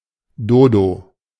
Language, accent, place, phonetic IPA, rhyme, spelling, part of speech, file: German, Germany, Berlin, [ˈdoːdo], -oːdo, Dodo, noun, De-Dodo.ogg
- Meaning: Dodo, †Raphus cucullatus